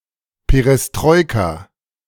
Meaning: alternative spelling of Perestroika
- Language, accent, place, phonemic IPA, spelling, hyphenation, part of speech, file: German, Germany, Berlin, /peʁɛsˈtʁɔʏ̯ka/, Perestrojka, Pe‧res‧troj‧ka, noun, De-Perestrojka.ogg